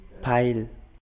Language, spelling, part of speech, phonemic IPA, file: Pashto, پيل, noun, /paɪl/, Ps-پيل.oga
- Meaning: 1. start 2. commencement 3. beginning